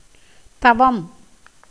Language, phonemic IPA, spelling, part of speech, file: Tamil, /t̪ɐʋɐm/, தவம், noun, Ta-தவம்.ogg
- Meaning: 1. penance, religious austerities 2. result of meritorious deeds 3. chastity 4. praise, adoration 5. forest